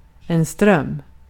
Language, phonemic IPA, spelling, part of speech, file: Swedish, /strœm/, ström, adjective / noun, Sv-ström.ogg
- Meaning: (adjective) having strong currents (of a watercourse), "currenty"; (noun) 1. current, flow; the part of a fluid that moves continuously in a certain direction 2. current; a flow of electric charge